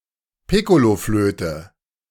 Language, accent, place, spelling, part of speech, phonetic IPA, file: German, Germany, Berlin, Piccoloflöte, noun, [ˈpɪkoloˌfløːtə], De-Piccoloflöte.ogg
- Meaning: piccolo